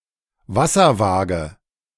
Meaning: spirit level
- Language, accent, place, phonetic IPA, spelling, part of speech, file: German, Germany, Berlin, [ˈvasɐˌvaːɡə], Wasserwaage, noun, De-Wasserwaage.ogg